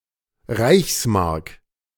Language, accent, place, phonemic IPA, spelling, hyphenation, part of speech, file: German, Germany, Berlin, /ˈʁaɪ̯çsˌmaʁk/, Reichsmark, Reichs‧mark, noun, De-Reichsmark.ogg
- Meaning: reichsmark (monetary unit in Germany between 1924 and 1948)